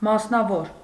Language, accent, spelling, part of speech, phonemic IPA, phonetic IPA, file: Armenian, Eastern Armenian, մասնավոր, adjective / noun / adverb, /mɑsnɑˈvoɾ/, [mɑsnɑvóɾ], Hy-մասնավոր.ogg
- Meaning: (adjective) 1. private, independent 2. partial, fragmentary 3. little, insignificant 4. special, unique 5. unofficial, nonpublic 6. personal; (noun) individual; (adverb) deliberately, on purpose